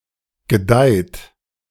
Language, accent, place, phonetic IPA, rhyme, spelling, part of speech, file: German, Germany, Berlin, [ɡəˈdaɪ̯t], -aɪ̯t, gedeiht, verb, De-gedeiht.ogg
- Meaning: inflection of gedeihen: 1. third-person singular present 2. second-person plural present 3. plural imperative